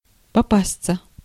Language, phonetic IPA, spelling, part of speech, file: Russian, [pɐˈpast͡sə], попасться, verb, Ru-попасться.ogg
- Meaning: 1. to get caught 2. to come across, to chance upon, to meet 3. passive of попа́сть (popástʹ)